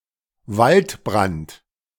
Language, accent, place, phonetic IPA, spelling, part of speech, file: German, Germany, Berlin, [ˈvaltˌbʁant], Waldbrand, noun, De-Waldbrand.ogg
- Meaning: forest fire